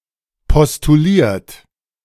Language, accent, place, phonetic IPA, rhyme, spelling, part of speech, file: German, Germany, Berlin, [pɔstuˈliːɐ̯t], -iːɐ̯t, postuliert, verb, De-postuliert.ogg
- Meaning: 1. past participle of postulieren 2. inflection of postulieren: third-person singular present 3. inflection of postulieren: second-person plural present 4. inflection of postulieren: plural imperative